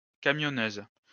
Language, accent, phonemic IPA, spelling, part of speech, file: French, France, /ka.mjɔ.nøz/, camionneuse, noun, LL-Q150 (fra)-camionneuse.wav
- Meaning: 1. female equivalent of camionneur 2. butch lesbian